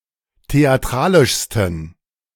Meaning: 1. superlative degree of theatralisch 2. inflection of theatralisch: strong genitive masculine/neuter singular superlative degree
- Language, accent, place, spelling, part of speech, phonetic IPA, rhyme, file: German, Germany, Berlin, theatralischsten, adjective, [teaˈtʁaːlɪʃstn̩], -aːlɪʃstn̩, De-theatralischsten.ogg